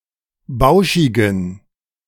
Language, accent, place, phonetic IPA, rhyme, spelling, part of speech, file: German, Germany, Berlin, [ˈbaʊ̯ʃɪɡn̩], -aʊ̯ʃɪɡn̩, bauschigen, adjective, De-bauschigen.ogg
- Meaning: inflection of bauschig: 1. strong genitive masculine/neuter singular 2. weak/mixed genitive/dative all-gender singular 3. strong/weak/mixed accusative masculine singular 4. strong dative plural